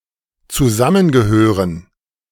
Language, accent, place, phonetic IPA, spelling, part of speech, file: German, Germany, Berlin, [t͡suˈzamənɡəˌhøːʁən], zusammengehören, verb, De-zusammengehören.ogg
- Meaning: to belong together